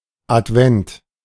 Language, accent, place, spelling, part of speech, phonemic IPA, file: German, Germany, Berlin, Advent, noun, /ʔatˈvɛnt/, De-Advent.ogg
- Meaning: 1. Advent 2. Sunday in Advent